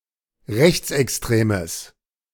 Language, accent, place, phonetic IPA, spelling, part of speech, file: German, Germany, Berlin, [ˈʁɛçt͡sʔɛksˌtʁeːməs], rechtsextremes, adjective, De-rechtsextremes.ogg
- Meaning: strong/mixed nominative/accusative neuter singular of rechtsextrem